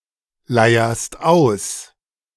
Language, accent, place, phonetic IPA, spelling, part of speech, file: German, Germany, Berlin, [ˌlaɪ̯ɐst ˈaʊ̯s], leierst aus, verb, De-leierst aus.ogg
- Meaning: second-person singular present of ausleiern